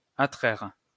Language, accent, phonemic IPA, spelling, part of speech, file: French, France, /a.tʁɛʁ/, attraire, verb, LL-Q150 (fra)-attraire.wav
- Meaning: 1. to attract (be attractive) 2. to sue